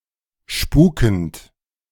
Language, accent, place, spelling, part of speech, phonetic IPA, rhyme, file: German, Germany, Berlin, spukend, verb, [ˈʃpuːkn̩t], -uːkn̩t, De-spukend.ogg
- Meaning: present participle of spuken